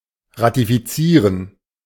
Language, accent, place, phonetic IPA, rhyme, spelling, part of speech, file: German, Germany, Berlin, [ʁatifiˈt͡siːʁən], -iːʁən, ratifizieren, verb, De-ratifizieren.ogg
- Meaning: to ratify